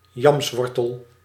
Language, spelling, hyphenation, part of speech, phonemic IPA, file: Dutch, yamswortel, yams‧wor‧tel, noun, /ˈjɑmsˌʋɔrtəl/, Nl-yamswortel.ogg
- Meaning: 1. the edible root of a yam 2. a plant which produces it, i.e. any vine of genus Dioscorea